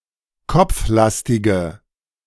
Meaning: inflection of kopflastig: 1. strong/mixed nominative/accusative feminine singular 2. strong nominative/accusative plural 3. weak nominative all-gender singular
- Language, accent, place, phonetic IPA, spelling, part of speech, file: German, Germany, Berlin, [ˈkɔp͡fˌlastɪɡə], kopflastige, adjective, De-kopflastige.ogg